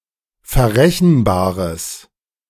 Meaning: strong/mixed nominative/accusative neuter singular of verrechenbar
- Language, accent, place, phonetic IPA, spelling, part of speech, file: German, Germany, Berlin, [fɛɐ̯ˈʁɛçn̩ˌbaːʁəs], verrechenbares, adjective, De-verrechenbares.ogg